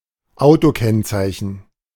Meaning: license plate, number plate
- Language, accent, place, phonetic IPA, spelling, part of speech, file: German, Germany, Berlin, [ˈaʊ̯toˌkɛnt͡saɪ̯çn̩], Autokennzeichen, noun, De-Autokennzeichen.ogg